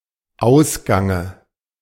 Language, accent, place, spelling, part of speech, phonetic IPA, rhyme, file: German, Germany, Berlin, Ausgange, noun, [ˈaʊ̯sɡaŋə], -aʊ̯sɡaŋə, De-Ausgange.ogg
- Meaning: dative singular of Ausgang